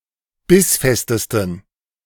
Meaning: 1. superlative degree of bissfest 2. inflection of bissfest: strong genitive masculine/neuter singular superlative degree
- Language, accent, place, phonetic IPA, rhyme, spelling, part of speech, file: German, Germany, Berlin, [ˈbɪsˌfɛstəstn̩], -ɪsfɛstəstn̩, bissfestesten, adjective, De-bissfestesten.ogg